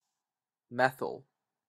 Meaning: The univalent hydrocarbon radical, CH₃-, formally derived from methane by the loss of a hydrogen atom; a compound or part of a compound formed by the attachment of such a radical
- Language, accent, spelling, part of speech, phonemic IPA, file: English, Canada, methyl, noun, /ˈmɛθəl/, En-ca-methyl.opus